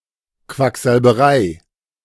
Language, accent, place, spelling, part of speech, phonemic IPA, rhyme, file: German, Germany, Berlin, Quacksalberei, noun, /ˌkvakzalbəˈʁaɪ̯/, -aɪ̯, De-Quacksalberei.ogg
- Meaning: quackery